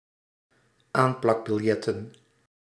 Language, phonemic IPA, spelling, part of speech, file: Dutch, /ˈamplɑɡbɪlˌjɛtə(n)/, aanplakbiljetten, noun, Nl-aanplakbiljetten.ogg
- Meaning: plural of aanplakbiljet